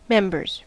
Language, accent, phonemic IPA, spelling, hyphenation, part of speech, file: English, US, /ˈmɛm.bɚz/, members, mem‧bers, noun, En-us-members.ogg
- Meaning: plural of member